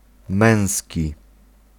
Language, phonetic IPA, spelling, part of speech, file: Polish, [ˈmɛ̃w̃sʲci], męski, adjective, Pl-męski.ogg